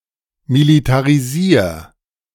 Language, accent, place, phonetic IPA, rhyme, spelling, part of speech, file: German, Germany, Berlin, [militaʁiˈziːɐ̯], -iːɐ̯, militarisier, verb, De-militarisier.ogg
- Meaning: singular imperative of militarisieren